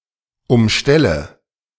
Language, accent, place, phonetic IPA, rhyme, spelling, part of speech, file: German, Germany, Berlin, [ʊmˈʃtɛlə], -ɛlə, umstelle, verb, De-umstelle.ogg
- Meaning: inflection of umstellen: 1. first-person singular present 2. first/third-person singular subjunctive I 3. singular imperative